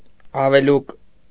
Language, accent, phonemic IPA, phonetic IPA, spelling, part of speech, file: Armenian, Eastern Armenian, /ɑveˈluk/, [ɑvelúk], ավելուկ, noun, Hy-ավելուկ.ogg
- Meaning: dock, sorrel (Rumex gen. et spp.)